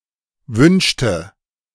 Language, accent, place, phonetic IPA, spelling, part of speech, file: German, Germany, Berlin, [ˈvʏnʃtə], wünschte, verb, De-wünschte.ogg
- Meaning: inflection of wünschen: 1. first/third-person singular preterite 2. first/third-person singular subjunctive II